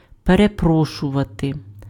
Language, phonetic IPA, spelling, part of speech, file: Ukrainian, [pereˈprɔʃʊʋɐte], перепрошувати, verb, Uk-перепрошувати.ogg
- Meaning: to apologize